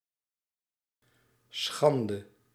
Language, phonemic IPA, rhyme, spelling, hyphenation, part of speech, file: Dutch, /ˈsxɑndə/, -ɑndə, schande, schan‧de, noun, Nl-schande.ogg
- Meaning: shame, disgrace